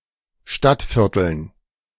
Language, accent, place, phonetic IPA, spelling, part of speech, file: German, Germany, Berlin, [ˈʃtatˌfɪʁtl̩n], Stadtvierteln, noun, De-Stadtvierteln.ogg
- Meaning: dative plural of Stadtviertel